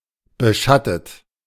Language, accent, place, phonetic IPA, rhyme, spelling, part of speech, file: German, Germany, Berlin, [bəˈʃatət], -atət, beschattet, verb, De-beschattet.ogg
- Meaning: 1. past participle of beschatten 2. inflection of beschatten: third-person singular present 3. inflection of beschatten: second-person plural present 4. inflection of beschatten: plural imperative